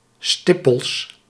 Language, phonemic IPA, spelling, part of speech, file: Dutch, /ˈstɪ.pəls/, stippels, noun, Nl-stippels.ogg
- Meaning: plural of stippel